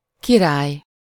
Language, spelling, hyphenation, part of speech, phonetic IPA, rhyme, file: Hungarian, király, ki‧rály, noun / adjective, [ˈkiraːj], -aːj, Hu-király.ogg
- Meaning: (noun) 1. king (a male monarch; member of a royal family who is the supreme ruler of his nation) 2. king; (adjective) awesome, cool, dope, wicked, sick